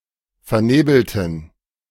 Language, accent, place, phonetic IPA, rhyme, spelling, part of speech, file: German, Germany, Berlin, [fɛɐ̯ˈneːbl̩tn̩], -eːbl̩tn̩, vernebelten, adjective / verb, De-vernebelten.ogg
- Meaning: inflection of vernebeln: 1. first/third-person plural preterite 2. first/third-person plural subjunctive II